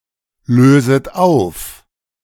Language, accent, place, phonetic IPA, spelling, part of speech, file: German, Germany, Berlin, [ˌløːzət ˈaʊ̯f], löset auf, verb, De-löset auf.ogg
- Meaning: second-person plural subjunctive I of auflösen